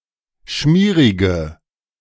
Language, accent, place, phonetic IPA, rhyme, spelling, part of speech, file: German, Germany, Berlin, [ˈʃmiːʁɪɡə], -iːʁɪɡə, schmierige, adjective, De-schmierige.ogg
- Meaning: inflection of schmierig: 1. strong/mixed nominative/accusative feminine singular 2. strong nominative/accusative plural 3. weak nominative all-gender singular